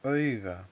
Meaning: eye
- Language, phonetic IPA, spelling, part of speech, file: Icelandic, [ˈœiːɣa], auga, noun, Is-auga.ogg